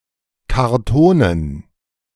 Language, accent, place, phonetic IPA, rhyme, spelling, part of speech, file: German, Germany, Berlin, [kaʁˈtoːnən], -oːnən, Kartonen, noun, De-Kartonen.ogg
- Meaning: dative plural of Karton